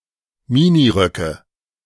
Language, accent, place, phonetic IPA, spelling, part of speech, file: German, Germany, Berlin, [ˈmɪniˌʁœkə], Miniröcke, noun, De-Miniröcke.ogg
- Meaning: nominative/accusative/genitive plural of Minirock